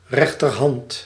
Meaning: 1. right hand, part of the arm 2. lieutenant 3. a trustworthy friend or subordinate, a right-hand man / woman
- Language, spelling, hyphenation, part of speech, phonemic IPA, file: Dutch, rechterhand, rech‧ter‧hand, noun, /ˈrɛxtərˌhɑnt/, Nl-rechterhand.ogg